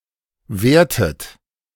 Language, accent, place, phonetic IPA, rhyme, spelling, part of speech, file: German, Germany, Berlin, [ˈveːɐ̯tət], -eːɐ̯tət, wehrtet, verb, De-wehrtet.ogg
- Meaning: inflection of wehren: 1. second-person plural preterite 2. second-person plural subjunctive II